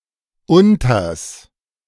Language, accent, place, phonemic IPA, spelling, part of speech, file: German, Germany, Berlin, /ˈʊntɐs/, unters, contraction, De-unters.ogg
- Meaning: contraction of unter + das